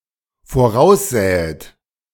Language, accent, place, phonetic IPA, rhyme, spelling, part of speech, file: German, Germany, Berlin, [foˈʁaʊ̯sˌzɛːət], -aʊ̯szɛːət, voraussähet, verb, De-voraussähet.ogg
- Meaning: second-person plural dependent subjunctive II of voraussehen